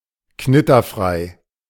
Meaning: crease-resistant, wrinkle-free
- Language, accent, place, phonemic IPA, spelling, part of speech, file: German, Germany, Berlin, /ˈknɪtɐˌfʁaɪ̯/, knitterfrei, adjective, De-knitterfrei.ogg